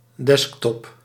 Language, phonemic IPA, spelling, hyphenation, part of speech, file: Dutch, /ˈdɛsk.tɔp/, desktop, desk‧top, noun, Nl-desktop.ogg
- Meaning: 1. desktop computer 2. main graphical user interface of a system